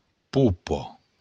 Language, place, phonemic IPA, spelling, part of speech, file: Occitan, Béarn, /ˈpu.pɒ/, popa, noun, LL-Q14185 (oci)-popa.wav
- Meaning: stern, poop